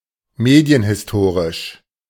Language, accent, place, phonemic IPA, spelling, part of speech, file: German, Germany, Berlin, /ˈmeːdi̯ənhɪsˈtoːʁɪʃ/, medienhistorisch, adjective, De-medienhistorisch.ogg
- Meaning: media-historical